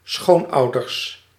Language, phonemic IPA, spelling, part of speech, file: Dutch, /ˈsxonɑudərs/, schoonouders, noun, Nl-schoonouders.ogg
- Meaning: plural of schoonouder